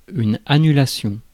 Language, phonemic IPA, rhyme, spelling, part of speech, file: French, /a.ny.la.sjɔ̃/, -ɔ̃, annulation, noun, Fr-annulation.ogg
- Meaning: cancellation, revocation